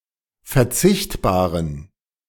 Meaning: inflection of verzichtbar: 1. strong genitive masculine/neuter singular 2. weak/mixed genitive/dative all-gender singular 3. strong/weak/mixed accusative masculine singular 4. strong dative plural
- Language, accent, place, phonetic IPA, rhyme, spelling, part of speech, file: German, Germany, Berlin, [fɛɐ̯ˈt͡sɪçtbaːʁən], -ɪçtbaːʁən, verzichtbaren, adjective, De-verzichtbaren.ogg